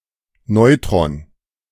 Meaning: neutron
- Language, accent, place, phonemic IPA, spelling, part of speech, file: German, Germany, Berlin, /ˈnɔʏ̯tʁɔn/, Neutron, noun, De-Neutron.ogg